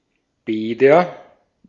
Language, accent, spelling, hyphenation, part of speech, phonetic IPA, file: German, Austria, Bäder, Bä‧der, noun, [ˈbɛːdɐ], De-at-Bäder.ogg
- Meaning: nominative/accusative/genitive plural of Bad